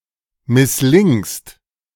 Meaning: second-person singular present of misslingen
- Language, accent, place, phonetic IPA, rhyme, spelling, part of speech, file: German, Germany, Berlin, [mɪsˈlɪŋst], -ɪŋst, misslingst, verb, De-misslingst.ogg